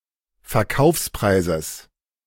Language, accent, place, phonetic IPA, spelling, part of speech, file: German, Germany, Berlin, [fɛɐ̯ˈkaʊ̯fsˌpʁaɪ̯zəs], Verkaufspreises, noun, De-Verkaufspreises.ogg
- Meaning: genitive of Verkaufspreis